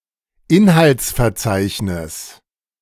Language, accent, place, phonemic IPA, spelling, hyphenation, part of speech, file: German, Germany, Berlin, /ˈɪnhalt͡sfɛɐ̯ˌt͡saɪ̯çnɪs/, Inhaltsverzeichnis, In‧halts‧ver‧zeich‧nis, noun, De-Inhaltsverzeichnis.ogg
- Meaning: table of contents